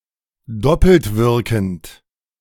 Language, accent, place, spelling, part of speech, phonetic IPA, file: German, Germany, Berlin, doppeltwirkend, adjective, [ˈdɔpl̩tˌvɪʁkn̩t], De-doppeltwirkend.ogg
- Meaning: double-acting